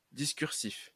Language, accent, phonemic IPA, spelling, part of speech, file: French, France, /dis.kyʁ.sif/, discursif, adjective, LL-Q150 (fra)-discursif.wav
- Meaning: discursive